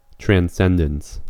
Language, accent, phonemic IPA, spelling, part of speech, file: English, US, /tɹæn(t)ˈsɛndəns/, transcendence, noun, En-us-transcendence.ogg
- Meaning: 1. The act of surpassing usual limits 2. The state of being beyond the range of normal perception 3. The state of being free from the constraints of the material world, as in the case of a deity